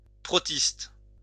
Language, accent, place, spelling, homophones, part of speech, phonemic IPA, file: French, France, Lyon, protiste, protistes, noun, /pʁɔ.tist/, LL-Q150 (fra)-protiste.wav
- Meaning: protist (eukaryotic unicellular organisms of the kingdom Protoctista)